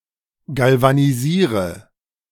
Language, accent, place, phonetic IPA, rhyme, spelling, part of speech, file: German, Germany, Berlin, [ˌɡalvaniˈziːʁə], -iːʁə, galvanisiere, verb, De-galvanisiere.ogg
- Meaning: inflection of galvanisieren: 1. first-person singular present 2. first/third-person singular subjunctive I 3. singular imperative